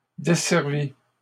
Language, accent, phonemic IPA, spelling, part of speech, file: French, Canada, /de.sɛʁ.vi/, desservît, verb, LL-Q150 (fra)-desservît.wav
- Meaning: third-person singular imperfect subjunctive of desservir